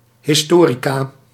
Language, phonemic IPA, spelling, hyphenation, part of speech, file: Dutch, /ˌɦɪsˈtoː.ri.kaː/, historica, his‧to‧ri‧ca, noun, Nl-historica.ogg
- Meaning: a female historian